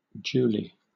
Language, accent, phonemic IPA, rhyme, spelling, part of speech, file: English, Southern England, /ˈd͡ʒuːli/, -uːli, Julie, proper noun, LL-Q1860 (eng)-Julie.wav
- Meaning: 1. A female given name from French Julie, popular in the latter half of the 20th century, equivalent to English Julia 2. A diminutive of the female given name Julia